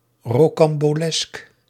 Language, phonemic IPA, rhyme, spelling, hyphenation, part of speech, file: Dutch, /ˌroː.kɑm.boːˈlɛsk/, -ɛsk, rocambolesk, ro‧cam‧bo‧lesk, adjective, Nl-rocambolesk.ogg
- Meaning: incredible, unbelievable, fantastic